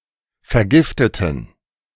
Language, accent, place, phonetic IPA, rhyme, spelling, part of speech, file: German, Germany, Berlin, [fɛɐ̯ˈɡɪftətn̩], -ɪftətn̩, vergifteten, adjective / verb, De-vergifteten.ogg
- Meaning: inflection of vergiftet: 1. strong genitive masculine/neuter singular 2. weak/mixed genitive/dative all-gender singular 3. strong/weak/mixed accusative masculine singular 4. strong dative plural